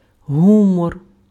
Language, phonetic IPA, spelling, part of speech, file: Ukrainian, [ˈɦumɔr], гумор, noun, Uk-гумор.ogg
- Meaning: 1. humour (UK), humor (US) (quality of being amusing, comical, funny) 2. mood